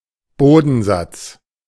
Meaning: 1. dregs, sediment (particulate that has accumulated at the bottom of a fluid container) 2. dregs (the parts of something considered worst or least respectable)
- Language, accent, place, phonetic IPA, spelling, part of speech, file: German, Germany, Berlin, [ˈboːdn̩ˌzat͡s], Bodensatz, noun, De-Bodensatz.ogg